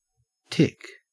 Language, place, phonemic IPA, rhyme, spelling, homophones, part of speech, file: English, Queensland, /tɪk/, -ɪk, tick, tic, noun / verb, En-au-tick.ogg
- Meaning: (noun) 1. A tiny woodland arachnid of the suborder Ixodida 2. A relatively quiet but sharp sound generally made repeatedly by moving machinery